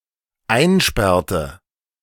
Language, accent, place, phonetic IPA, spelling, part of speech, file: German, Germany, Berlin, [ˈaɪ̯nˌʃpɛʁtə], einsperrte, verb, De-einsperrte.ogg
- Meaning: inflection of einsperren: 1. first/third-person singular dependent preterite 2. first/third-person singular dependent subjunctive II